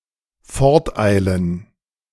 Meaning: to hurry away
- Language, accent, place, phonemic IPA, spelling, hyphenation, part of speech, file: German, Germany, Berlin, /ˈfɔʁtˌʔaɪ̯lən/, forteilen, fort‧ei‧len, verb, De-forteilen.ogg